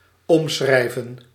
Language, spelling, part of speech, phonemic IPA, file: Dutch, omschrijven, verb, /ɔmˈsxrɛi̯.və(n)/, Nl-omschrijven.ogg
- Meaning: to describe